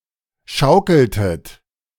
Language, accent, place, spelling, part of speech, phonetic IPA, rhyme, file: German, Germany, Berlin, schaukeltet, verb, [ˈʃaʊ̯kl̩tət], -aʊ̯kl̩tət, De-schaukeltet.ogg
- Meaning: inflection of schaukeln: 1. second-person plural preterite 2. second-person plural subjunctive II